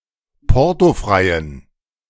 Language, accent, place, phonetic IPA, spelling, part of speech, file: German, Germany, Berlin, [ˈpɔʁtoˌfʁaɪ̯ən], portofreien, adjective, De-portofreien.ogg
- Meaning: inflection of portofrei: 1. strong genitive masculine/neuter singular 2. weak/mixed genitive/dative all-gender singular 3. strong/weak/mixed accusative masculine singular 4. strong dative plural